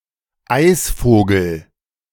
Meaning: kingfisher (any of various birds of the suborder Alcedines)
- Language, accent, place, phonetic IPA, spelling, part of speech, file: German, Germany, Berlin, [ˈaɪ̯sˌfoːɡl̩], Eisvogel, noun, De-Eisvogel.ogg